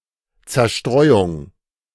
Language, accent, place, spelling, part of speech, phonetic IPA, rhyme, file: German, Germany, Berlin, Zerstreuung, noun, [t͡sɛɐ̯ˈʃtʁɔɪ̯ʊŋ], -ɔɪ̯ʊŋ, De-Zerstreuung.ogg
- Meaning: 1. dispersal, scattering 2. recreation, diversion, pastime